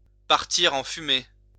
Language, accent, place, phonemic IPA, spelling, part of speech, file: French, France, Lyon, /paʁ.tiʁ ɑ̃ fy.me/, partir en fumée, verb, LL-Q150 (fra)-partir en fumée.wav
- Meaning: 1. to be consumed by and destroyed in fire (which is only implied) such that smoke is the only evidence of something having happened (ash, smut, etc. notwithstanding) 2. to be ruined, destroyed